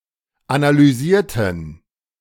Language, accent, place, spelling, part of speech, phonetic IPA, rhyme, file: German, Germany, Berlin, analysierten, adjective / verb, [analyˈziːɐ̯tn̩], -iːɐ̯tn̩, De-analysierten.ogg
- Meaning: inflection of analysieren: 1. first/third-person plural preterite 2. first/third-person plural subjunctive II